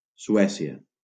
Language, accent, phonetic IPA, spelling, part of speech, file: Catalan, Valencia, [suˈɛ.si.a], Suècia, proper noun, LL-Q7026 (cat)-Suècia.wav
- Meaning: Sweden (a country in Scandinavia in Northern Europe)